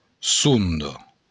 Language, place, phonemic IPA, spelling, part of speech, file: Occitan, Béarn, /ˈsun.dɒ/, sonda, noun, LL-Q14185 (oci)-sonda.wav
- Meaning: sounding, depth